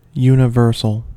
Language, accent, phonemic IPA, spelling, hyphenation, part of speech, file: English, General American, /ˌjunəˈvɜɹs(ə)l/, universal, uni‧vers‧al, adjective / noun, En-us-universal.ogg
- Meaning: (adjective) 1. Of or pertaining to the universe 2. Common to all members of a group or class 3. Common to all society; worldwide, global 4. Unlimited; vast; infinite